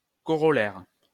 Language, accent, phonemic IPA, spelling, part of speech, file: French, France, /kɔ.ʁɔ.lɛʁ/, corollaire, noun / adjective, LL-Q150 (fra)-corollaire.wav
- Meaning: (noun) corollary (proposition which follows easily); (adjective) That follows directly and logically